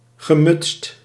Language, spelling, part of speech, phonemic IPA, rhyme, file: Dutch, gemutst, adjective, /ɣəˈmʏtst/, -ʏtst, Nl-gemutst.ogg
- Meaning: disposed